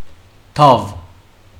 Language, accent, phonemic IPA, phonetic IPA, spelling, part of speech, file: Armenian, Western Armenian, /tɑv/, [tʰɑv], դավ, noun, HyW-դավ.ogg
- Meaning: plot, conspiracy, machination